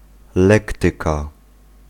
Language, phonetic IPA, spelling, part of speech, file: Polish, [ˈlɛktɨka], lektyka, noun, Pl-lektyka.ogg